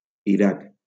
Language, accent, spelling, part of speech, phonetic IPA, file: Catalan, Valencia, Iraq, proper noun, [iˈɾak], LL-Q7026 (cat)-Iraq.wav
- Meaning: Iraq (a country in West Asia in the Middle East)